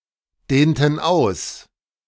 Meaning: inflection of ausdehnen: 1. first/third-person plural preterite 2. first/third-person plural subjunctive II
- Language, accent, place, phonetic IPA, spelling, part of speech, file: German, Germany, Berlin, [ˌdeːntn̩ ˈaʊ̯s], dehnten aus, verb, De-dehnten aus.ogg